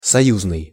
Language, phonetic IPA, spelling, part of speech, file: Russian, [sɐˈjuznɨj], союзный, adjective, Ru-союзный.ogg
- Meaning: 1. allied 2. union